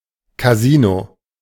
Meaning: alternative spelling of Kasino
- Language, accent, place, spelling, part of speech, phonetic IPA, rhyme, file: German, Germany, Berlin, Casino, noun, [kaˈziːno], -iːno, De-Casino.ogg